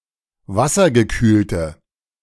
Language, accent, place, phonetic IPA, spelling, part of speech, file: German, Germany, Berlin, [ˈvasɐɡəˌkyːltə], wassergekühlte, adjective, De-wassergekühlte.ogg
- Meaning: inflection of wassergekühlt: 1. strong/mixed nominative/accusative feminine singular 2. strong nominative/accusative plural 3. weak nominative all-gender singular